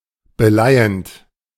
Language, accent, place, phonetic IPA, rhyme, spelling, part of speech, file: German, Germany, Berlin, [bəˈlaɪ̯ənt], -aɪ̯ənt, beleihend, verb, De-beleihend.ogg
- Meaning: present participle of beleihen